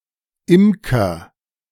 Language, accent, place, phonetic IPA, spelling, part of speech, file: German, Germany, Berlin, [ˈɪmkɐ], imker, verb, De-imker.ogg
- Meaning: inflection of imkern: 1. first-person singular present 2. singular imperative